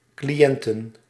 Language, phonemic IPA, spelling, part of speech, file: Dutch, /kliˈjɛntə(n)/, cliënten, noun, Nl-cliënten.ogg
- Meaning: plural of cliënt